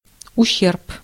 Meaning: 1. damage 2. wane
- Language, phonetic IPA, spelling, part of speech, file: Russian, [ʊˈɕːerp], ущерб, noun, Ru-ущерб.ogg